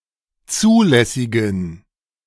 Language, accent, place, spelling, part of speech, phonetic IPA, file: German, Germany, Berlin, zulässigen, adjective, [ˈt͡suːlɛsɪɡn̩], De-zulässigen.ogg
- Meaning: inflection of zulässig: 1. strong genitive masculine/neuter singular 2. weak/mixed genitive/dative all-gender singular 3. strong/weak/mixed accusative masculine singular 4. strong dative plural